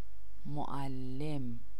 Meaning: teacher
- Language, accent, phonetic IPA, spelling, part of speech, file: Persian, Iran, [mo.ʔæl.lem], معلم, noun, Fa-معلم.ogg